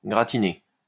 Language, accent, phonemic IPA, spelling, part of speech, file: French, France, /ɡʁa.ti.ne/, gratiné, verb, LL-Q150 (fra)-gratiné.wav
- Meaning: past participle of gratiner